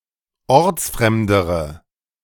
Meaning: inflection of ortsfremd: 1. strong/mixed nominative/accusative feminine singular comparative degree 2. strong nominative/accusative plural comparative degree
- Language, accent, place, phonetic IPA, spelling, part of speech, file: German, Germany, Berlin, [ˈɔʁt͡sˌfʁɛmdəʁə], ortsfremdere, adjective, De-ortsfremdere.ogg